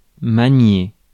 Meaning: 1. to handle, manipulate, wield (an object) 2. to use (software) 3. to knead
- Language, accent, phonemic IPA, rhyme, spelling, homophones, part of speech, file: French, France, /ma.nje/, -je, manier, maniai / maniez / manié / maniée / maniées / maniés, verb, Fr-manier.ogg